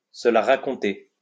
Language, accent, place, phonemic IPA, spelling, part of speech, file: French, France, Lyon, /sə la ʁa.kɔ̃.te/, se la raconter, verb, LL-Q150 (fra)-se la raconter.wav
- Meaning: to show off, to be full of oneself